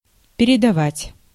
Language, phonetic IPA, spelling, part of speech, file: Russian, [pʲɪrʲɪdɐˈvatʲ], передавать, verb, Ru-передавать.ogg
- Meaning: 1. to hand over, to deliver, to give 2. to broadcast, to transmit 3. to reproduce, to render 4. to tell, to take a message